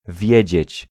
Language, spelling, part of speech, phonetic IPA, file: Polish, wiedzieć, verb, [ˈvʲjɛ̇d͡ʑɛ̇t͡ɕ], Pl-wiedzieć.ogg